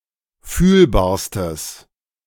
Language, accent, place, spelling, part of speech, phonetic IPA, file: German, Germany, Berlin, fühlbarstes, adjective, [ˈfyːlbaːɐ̯stəs], De-fühlbarstes.ogg
- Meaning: strong/mixed nominative/accusative neuter singular superlative degree of fühlbar